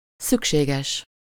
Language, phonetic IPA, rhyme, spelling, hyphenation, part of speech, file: Hungarian, [ˈsykʃeːɡɛʃ], -ɛʃ, szükséges, szük‧sé‧ges, adjective, Hu-szükséges.ogg
- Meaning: necessary (needed, required)